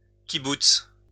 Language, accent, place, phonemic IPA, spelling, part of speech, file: French, France, Lyon, /ki.buts/, kibboutz, noun, LL-Q150 (fra)-kibboutz.wav
- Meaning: kibbutz (community)